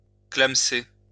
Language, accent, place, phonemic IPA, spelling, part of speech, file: French, France, Lyon, /klam.se/, clamecer, verb, LL-Q150 (fra)-clamecer.wav
- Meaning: to snuff it